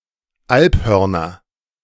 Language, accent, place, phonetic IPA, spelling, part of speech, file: German, Germany, Berlin, [ˈalpˌhœʁnɐ], Alphörner, noun, De-Alphörner.ogg
- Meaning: nominative/accusative/genitive plural of Alphorn